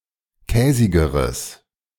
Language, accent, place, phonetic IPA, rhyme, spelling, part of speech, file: German, Germany, Berlin, [ˈkɛːzɪɡəʁəs], -ɛːzɪɡəʁəs, käsigeres, adjective, De-käsigeres.ogg
- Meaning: strong/mixed nominative/accusative neuter singular comparative degree of käsig